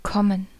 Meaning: 1. to come; to arrive 2. to come to; to come over (go somewhere so as to join someone else) 3. to get; to make it (go somewhere in a way that implies an obstacle or difficulty to be overcome)
- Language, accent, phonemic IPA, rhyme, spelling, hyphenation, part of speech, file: German, Germany, /ˈkɔmən/, -ɔmən, kommen, kom‧men, verb, De-kommen.ogg